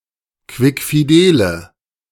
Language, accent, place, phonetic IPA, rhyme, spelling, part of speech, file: German, Germany, Berlin, [ˌkvɪkfiˈdeːlə], -eːlə, quickfidele, adjective, De-quickfidele.ogg
- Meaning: inflection of quickfidel: 1. strong/mixed nominative/accusative feminine singular 2. strong nominative/accusative plural 3. weak nominative all-gender singular